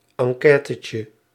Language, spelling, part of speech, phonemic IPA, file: Dutch, enquêtetje, noun, /ɑŋˈkɛːtəcə/, Nl-enquêtetje.ogg
- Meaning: diminutive of enquête